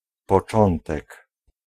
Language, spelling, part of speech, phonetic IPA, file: Polish, początek, noun, [pɔˈt͡ʃɔ̃ntɛk], Pl-początek.ogg